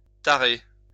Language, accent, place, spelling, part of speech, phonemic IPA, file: French, France, Lyon, tarer, verb, /ta.ʁe/, LL-Q150 (fra)-tarer.wav
- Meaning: 1. to spoil; to tarnish 2. to tare